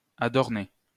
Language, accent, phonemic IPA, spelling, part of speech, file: French, France, /a.dɔʁ.ne/, adorner, verb, LL-Q150 (fra)-adorner.wav
- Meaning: to adorn; to decorate